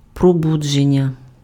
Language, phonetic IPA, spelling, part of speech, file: Ukrainian, [proˈbud͡ʒenʲːɐ], пробудження, noun, Uk-пробудження.ogg
- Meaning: verbal noun of пробуди́ти(ся) (probudýty(sja)): 1. waking up, awaking, awakening (ceasing to sleep) 2. awakening (revival of religion)